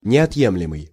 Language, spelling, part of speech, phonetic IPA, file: Russian, неотъемлемый, adjective, [nʲɪɐtˈjemlʲɪmɨj], Ru-неотъемлемый.ogg
- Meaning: inalienable, integral